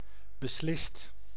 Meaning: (adverb) definitely, absolutely; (verb) 1. past participle of beslissen 2. inflection of beslissen: second/third-person singular present indicative 3. inflection of beslissen: plural imperative
- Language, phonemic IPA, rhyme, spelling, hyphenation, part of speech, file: Dutch, /bəˈslɪst/, -ɪst, beslist, be‧slist, adverb / verb, Nl-beslist.ogg